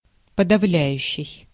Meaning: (verb) present active imperfective participle of подавля́ть (podavljátʹ); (adjective) 1. overwhelming 2. depressing
- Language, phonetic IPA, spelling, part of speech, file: Russian, [pədɐˈvlʲæjʉɕːɪj], подавляющий, verb / adjective, Ru-подавляющий.ogg